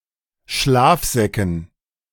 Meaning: dative plural of Schlafsack
- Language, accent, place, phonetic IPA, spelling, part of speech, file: German, Germany, Berlin, [ˈʃlaːfˌzɛkn̩], Schlafsäcken, noun, De-Schlafsäcken.ogg